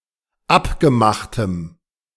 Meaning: strong dative masculine/neuter singular of abgemacht
- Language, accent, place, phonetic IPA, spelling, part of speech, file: German, Germany, Berlin, [ˈapɡəˌmaxtəm], abgemachtem, adjective, De-abgemachtem.ogg